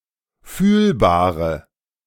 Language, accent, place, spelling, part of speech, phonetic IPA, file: German, Germany, Berlin, fühlbare, adjective, [ˈfyːlbaːʁə], De-fühlbare.ogg
- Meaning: inflection of fühlbar: 1. strong/mixed nominative/accusative feminine singular 2. strong nominative/accusative plural 3. weak nominative all-gender singular 4. weak accusative feminine/neuter singular